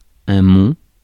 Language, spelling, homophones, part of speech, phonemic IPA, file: French, mont, monts / mon, noun, /mɔ̃/, Fr-mont.ogg
- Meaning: 1. mountain, mount, mont 2. the Alps